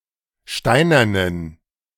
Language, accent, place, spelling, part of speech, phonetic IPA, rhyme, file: German, Germany, Berlin, steinernen, adjective, [ˈʃtaɪ̯nɐnən], -aɪ̯nɐnən, De-steinernen.ogg
- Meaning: inflection of steinern: 1. strong genitive masculine/neuter singular 2. weak/mixed genitive/dative all-gender singular 3. strong/weak/mixed accusative masculine singular 4. strong dative plural